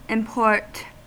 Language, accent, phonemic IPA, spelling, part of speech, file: English, US, /ɪmˈpɔɹt/, import, verb, En-us-import.ogg
- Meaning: 1. To bring (something) in from a foreign country, especially for sale or trade 2. To load a file into a software application from another version or system